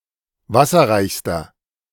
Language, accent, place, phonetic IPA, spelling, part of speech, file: German, Germany, Berlin, [ˈvasɐʁaɪ̯çstɐ], wasserreichster, adjective, De-wasserreichster.ogg
- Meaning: inflection of wasserreich: 1. strong/mixed nominative masculine singular superlative degree 2. strong genitive/dative feminine singular superlative degree 3. strong genitive plural superlative degree